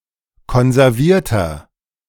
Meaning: 1. comparative degree of konserviert 2. inflection of konserviert: strong/mixed nominative masculine singular 3. inflection of konserviert: strong genitive/dative feminine singular
- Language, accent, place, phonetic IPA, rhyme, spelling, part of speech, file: German, Germany, Berlin, [kɔnzɛʁˈviːɐ̯tɐ], -iːɐ̯tɐ, konservierter, adjective, De-konservierter.ogg